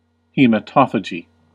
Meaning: The practice, of some animals, of feeding on blood
- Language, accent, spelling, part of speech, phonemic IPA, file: English, US, hematophagy, noun, /ˌhi.məˈtɑf.ə.d͡ʒi/, En-us-hematophagy.ogg